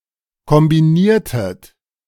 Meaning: inflection of kombinieren: 1. second-person plural preterite 2. second-person plural subjunctive II
- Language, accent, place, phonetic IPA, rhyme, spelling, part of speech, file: German, Germany, Berlin, [kɔmbiˈniːɐ̯tət], -iːɐ̯tət, kombiniertet, verb, De-kombiniertet.ogg